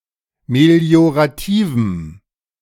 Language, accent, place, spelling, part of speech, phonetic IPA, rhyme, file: German, Germany, Berlin, meliorativem, adjective, [meli̯oʁaˈtiːvm̩], -iːvm̩, De-meliorativem.ogg
- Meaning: strong dative masculine/neuter singular of meliorativ